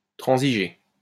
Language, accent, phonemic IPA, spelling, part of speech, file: French, France, /tʁɑ̃.zi.ʒe/, transiger, verb, LL-Q150 (fra)-transiger.wav
- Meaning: to compromise